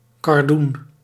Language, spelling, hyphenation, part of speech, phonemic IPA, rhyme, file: Dutch, kardoen, kar‧doen, noun, /kɑrˈdun/, -un, Nl-kardoen.ogg
- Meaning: cardoon, artichoke thistle (Cynara cardunculus)